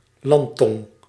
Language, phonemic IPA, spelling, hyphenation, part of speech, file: Dutch, /ˈlɑn.tɔŋ/, landtong, land‧tong, noun, Nl-landtong.ogg
- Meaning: spit of land, headland